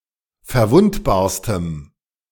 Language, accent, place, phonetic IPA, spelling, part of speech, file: German, Germany, Berlin, [fɛɐ̯ˈvʊntbaːɐ̯stəm], verwundbarstem, adjective, De-verwundbarstem.ogg
- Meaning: strong dative masculine/neuter singular superlative degree of verwundbar